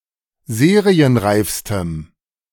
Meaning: strong dative masculine/neuter singular superlative degree of serienreif
- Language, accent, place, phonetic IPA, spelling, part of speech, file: German, Germany, Berlin, [ˈzeːʁiənˌʁaɪ̯fstəm], serienreifstem, adjective, De-serienreifstem.ogg